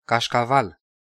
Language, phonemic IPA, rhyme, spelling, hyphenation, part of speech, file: Romanian, /kaʃ.kaˈval/, -al, cașcaval, caș‧ca‧val, noun, Ro-cașcaval.ogg
- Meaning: 1. a type of hard or semihard sheep cheese (dairy product) 2. money, cash